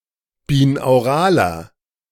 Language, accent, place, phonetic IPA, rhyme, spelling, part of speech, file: German, Germany, Berlin, [biːnaʊ̯ˈʁaːlɐ], -aːlɐ, binauraler, adjective, De-binauraler.ogg
- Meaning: inflection of binaural: 1. strong/mixed nominative masculine singular 2. strong genitive/dative feminine singular 3. strong genitive plural